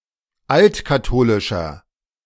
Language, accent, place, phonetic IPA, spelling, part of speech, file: German, Germany, Berlin, [ˈaltkaˌtoːlɪʃɐ], altkatholischer, adjective, De-altkatholischer.ogg
- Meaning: inflection of altkatholisch: 1. strong/mixed nominative masculine singular 2. strong genitive/dative feminine singular 3. strong genitive plural